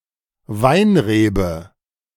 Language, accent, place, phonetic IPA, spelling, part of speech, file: German, Germany, Berlin, [ˈvaɪ̯nˌʁeːbə], Weinrebe, noun, De-Weinrebe.ogg
- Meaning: grapevine